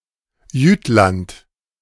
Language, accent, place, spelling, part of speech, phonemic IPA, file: German, Germany, Berlin, Jütland, proper noun, /ˈjyːtlant/, De-Jütland.ogg
- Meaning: Jutland (a cultural region and peninsula in northwestern Europe, consisting of the mainland part of Denmark and Schleswig-Holstein, which is part of Germany)